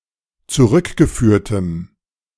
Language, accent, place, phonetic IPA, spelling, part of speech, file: German, Germany, Berlin, [t͡suˈʁʏkɡəˌfyːɐ̯təm], zurückgeführtem, adjective, De-zurückgeführtem.ogg
- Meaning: strong dative masculine/neuter singular of zurückgeführt